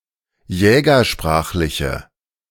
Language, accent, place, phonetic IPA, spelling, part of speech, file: German, Germany, Berlin, [ˈjɛːɡɐˌʃpʁaːxlɪçə], jägersprachliche, adjective, De-jägersprachliche.ogg
- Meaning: inflection of jägersprachlich: 1. strong/mixed nominative/accusative feminine singular 2. strong nominative/accusative plural 3. weak nominative all-gender singular